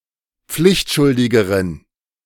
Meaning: inflection of pflichtschuldig: 1. strong genitive masculine/neuter singular comparative degree 2. weak/mixed genitive/dative all-gender singular comparative degree
- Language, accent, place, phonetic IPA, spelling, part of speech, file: German, Germany, Berlin, [ˈp͡flɪçtˌʃʊldɪɡəʁən], pflichtschuldigeren, adjective, De-pflichtschuldigeren.ogg